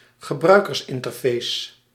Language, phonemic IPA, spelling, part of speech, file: Dutch, /ɣəˈbrœykərsˌɪntərˌfes/, gebruikersinterface, noun, Nl-gebruikersinterface.ogg
- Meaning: user interface